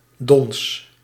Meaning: 1. down, small bird feathers used as insulation material in covers and sleeping bags 2. a bed cover (e.g. a duvet) filled with down 3. a piece of down or fluff
- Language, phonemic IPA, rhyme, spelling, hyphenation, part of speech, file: Dutch, /dɔns/, -ɔns, dons, dons, noun, Nl-dons.ogg